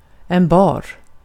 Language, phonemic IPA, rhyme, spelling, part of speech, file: Swedish, /bɑːr/, -ɑːr, bar, adjective / verb / noun, Sv-bar.ogg
- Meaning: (adjective) bare, uncovered; not covered by e.g. clothes (about people), fur (about certain animals) or a snow cover (about the ground); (verb) past indicative of bära